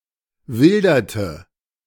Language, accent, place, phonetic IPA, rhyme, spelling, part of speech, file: German, Germany, Berlin, [ˈvɪldɐtə], -ɪldɐtə, wilderte, verb, De-wilderte.ogg
- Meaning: inflection of wildern: 1. first/third-person singular preterite 2. first/third-person singular subjunctive II